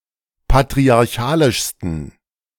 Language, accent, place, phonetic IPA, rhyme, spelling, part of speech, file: German, Germany, Berlin, [patʁiaʁˈçaːlɪʃstn̩], -aːlɪʃstn̩, patriarchalischsten, adjective, De-patriarchalischsten.ogg
- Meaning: 1. superlative degree of patriarchalisch 2. inflection of patriarchalisch: strong genitive masculine/neuter singular superlative degree